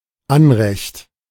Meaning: 1. claim to a title or right 2. title 3. entitlement 4. right
- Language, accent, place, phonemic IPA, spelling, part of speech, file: German, Germany, Berlin, /ˈanʁɛçt/, Anrecht, noun, De-Anrecht.ogg